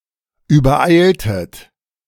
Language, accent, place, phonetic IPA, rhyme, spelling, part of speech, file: German, Germany, Berlin, [yːbɐˈʔaɪ̯ltət], -aɪ̯ltət, übereiltet, verb, De-übereiltet.ogg
- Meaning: inflection of übereilen: 1. second-person plural preterite 2. second-person plural subjunctive II